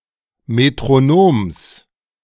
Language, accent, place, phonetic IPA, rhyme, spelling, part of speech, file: German, Germany, Berlin, [metʁoˈnoːms], -oːms, Metronoms, noun, De-Metronoms.ogg
- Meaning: genitive of Metronom